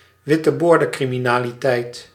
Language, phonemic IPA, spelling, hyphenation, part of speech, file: Dutch, /ʋɪ.təˈboːr.də(n).kri.mi.naː.liˌtɛi̯t/, witteboordencriminaliteit, wit‧te‧boor‧den‧cri‧mi‧na‧li‧teit, noun, Nl-witteboordencriminaliteit.ogg
- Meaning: white-collar crime